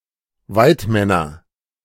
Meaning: nominative/accusative/genitive plural of Weidmann
- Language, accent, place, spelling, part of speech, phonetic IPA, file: German, Germany, Berlin, Weidmänner, noun, [ˈvaɪ̯tˌmɛnɐ], De-Weidmänner.ogg